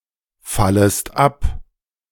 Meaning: second-person singular subjunctive I of abfallen
- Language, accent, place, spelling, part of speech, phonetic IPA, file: German, Germany, Berlin, fallest ab, verb, [ˌfaləst ˈap], De-fallest ab.ogg